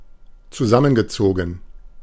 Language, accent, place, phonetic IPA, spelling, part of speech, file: German, Germany, Berlin, [t͡suˈzamənɡəˌt͡soːɡŋ̩], zusammengezogen, verb, De-zusammengezogen.ogg
- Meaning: past participle of zusammenziehen